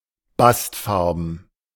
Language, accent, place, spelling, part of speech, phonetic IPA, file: German, Germany, Berlin, bastfarben, adjective, [ˈbastˌfaʁbn̩], De-bastfarben.ogg
- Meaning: bast-coloured